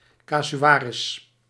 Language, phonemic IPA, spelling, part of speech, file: Dutch, /ˌkazyˈwarɪs/, kasuaris, noun, Nl-kasuaris.ogg
- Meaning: cassowary